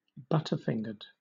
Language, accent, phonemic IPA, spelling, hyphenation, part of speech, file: English, Southern England, /ˈbʌtəˌfɪŋɡəd/, butterfingered, but‧ter‧fing‧ered, adjective, LL-Q1860 (eng)-butterfingered.wav
- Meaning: Prone to dropping things; clumsy